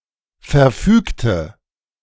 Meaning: inflection of verfügen: 1. first/third-person singular preterite 2. first/third-person singular subjunctive II
- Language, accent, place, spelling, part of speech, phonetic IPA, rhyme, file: German, Germany, Berlin, verfügte, adjective / verb, [fɛɐ̯ˈfyːktə], -yːktə, De-verfügte.ogg